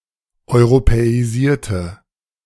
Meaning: inflection of europäisieren: 1. first/third-person singular preterite 2. first/third-person singular subjunctive II
- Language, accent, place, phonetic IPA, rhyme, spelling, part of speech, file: German, Germany, Berlin, [ɔɪ̯ʁopɛiˈziːɐ̯tə], -iːɐ̯tə, europäisierte, adjective / verb, De-europäisierte.ogg